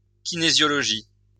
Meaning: kinesiology
- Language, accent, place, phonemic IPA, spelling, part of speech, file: French, France, Lyon, /ki.ne.zjɔ.lɔ.ʒi/, kinésiologie, noun, LL-Q150 (fra)-kinésiologie.wav